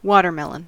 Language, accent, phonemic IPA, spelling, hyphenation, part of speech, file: English, US, /ˈwɑtəɹˌmɛlən/, watermelon, wa‧ter‧mel‧on, noun, En-us-watermelon.ogg
- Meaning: A plant of the species Citrullus lanatus, bearing a melon-like fruit